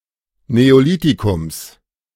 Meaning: genitive singular of Neolithikum
- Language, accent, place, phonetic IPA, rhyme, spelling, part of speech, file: German, Germany, Berlin, [neoˈliːtikʊms], -iːtikʊms, Neolithikums, noun, De-Neolithikums.ogg